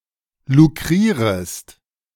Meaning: second-person singular subjunctive I of lukrieren
- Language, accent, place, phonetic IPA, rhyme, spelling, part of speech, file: German, Germany, Berlin, [luˈkʁiːʁəst], -iːʁəst, lukrierest, verb, De-lukrierest.ogg